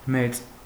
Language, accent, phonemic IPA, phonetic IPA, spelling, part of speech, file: Armenian, Eastern Armenian, /met͡s/, [met͡s], մեծ, adjective / noun, Hy-մեծ.ogg
- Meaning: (adjective) 1. big, large 2. spacious, voluminous, sizable 3. lofty, towering, colossal 4. crowded, populous, multitudinous 5. notable, remarkable, significant, talented 6. severe, terrible, fierce